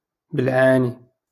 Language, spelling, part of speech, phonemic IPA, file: Moroccan Arabic, بالعاني, adverb, /b‿ɪl.ʕaː.ni/, LL-Q56426 (ary)-بالعاني.wav
- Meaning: 1. intentionally, on purpose 2. jokingly